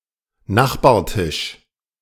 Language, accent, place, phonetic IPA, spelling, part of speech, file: German, Germany, Berlin, [ˈnaxbaːɐ̯ˌtɪʃ], Nachbartisch, noun, De-Nachbartisch.ogg
- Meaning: neighboring table